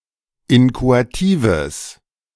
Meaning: strong/mixed nominative/accusative neuter singular of inchoativ
- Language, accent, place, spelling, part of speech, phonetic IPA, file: German, Germany, Berlin, inchoatives, adjective, [ˈɪnkoatiːvəs], De-inchoatives.ogg